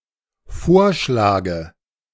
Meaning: inflection of vorschlagen: 1. first-person singular dependent present 2. first/third-person singular dependent subjunctive I
- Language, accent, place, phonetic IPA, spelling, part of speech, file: German, Germany, Berlin, [ˈfoːɐ̯ˌʃlaːɡə], vorschlage, verb, De-vorschlage.ogg